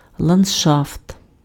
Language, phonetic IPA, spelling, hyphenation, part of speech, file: Ukrainian, [ɫɐnd͡ʒˈʃaft], ландшафт, ланд‧шафт, noun, Uk-ландшафт.ogg
- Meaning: landscape (portion of land or territory which the eye can comprehend in a single view)